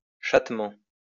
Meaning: in a catlike way
- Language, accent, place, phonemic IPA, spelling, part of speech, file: French, France, Lyon, /ʃat.mɑ̃/, chattement, adverb, LL-Q150 (fra)-chattement.wav